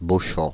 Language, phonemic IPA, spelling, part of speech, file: French, /bo.ʃɑ̃/, Beauchamp, proper noun, Fr-Beauchamp.ogg
- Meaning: 1. a habitational surname, Beauchamp, from locations 2. the name of several places in France